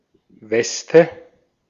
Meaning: waistcoat, vest (usually sleeveless garment worn over a shirt)
- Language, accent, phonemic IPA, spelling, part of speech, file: German, Austria, /ˈvɛstə/, Weste, noun, De-at-Weste.ogg